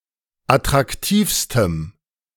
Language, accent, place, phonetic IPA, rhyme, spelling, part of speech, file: German, Germany, Berlin, [atʁakˈtiːfstəm], -iːfstəm, attraktivstem, adjective, De-attraktivstem.ogg
- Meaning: strong dative masculine/neuter singular superlative degree of attraktiv